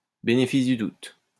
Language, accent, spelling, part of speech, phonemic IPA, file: French, France, bénéfice du doute, noun, /be.ne.fis dy dut/, LL-Q150 (fra)-bénéfice du doute.wav
- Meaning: benefit of the doubt